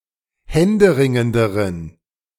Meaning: inflection of händeringend: 1. strong genitive masculine/neuter singular comparative degree 2. weak/mixed genitive/dative all-gender singular comparative degree
- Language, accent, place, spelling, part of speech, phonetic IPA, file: German, Germany, Berlin, händeringenderen, adjective, [ˈhɛndəˌʁɪŋəndəʁən], De-händeringenderen.ogg